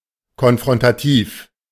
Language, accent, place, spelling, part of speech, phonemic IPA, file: German, Germany, Berlin, konfrontativ, adjective, /kɔnfʁɔntaˈtiːf/, De-konfrontativ.ogg
- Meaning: confrontational